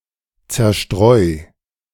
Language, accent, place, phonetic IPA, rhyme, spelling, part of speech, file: German, Germany, Berlin, [ˌt͡sɛɐ̯ˈʃtʁɔɪ̯], -ɔɪ̯, zerstreu, verb, De-zerstreu.ogg
- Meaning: 1. singular imperative of zerstreuen 2. first-person singular present of zerstreuen